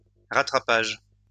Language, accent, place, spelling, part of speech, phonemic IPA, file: French, France, Lyon, rattrapage, noun, /ʁa.tʁa.paʒ/, LL-Q150 (fra)-rattrapage.wav
- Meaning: 1. act of catching 2. catching up 3. recovery